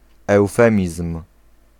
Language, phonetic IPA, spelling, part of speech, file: Polish, [ɛwˈfɛ̃mʲism̥], eufemizm, noun, Pl-eufemizm.ogg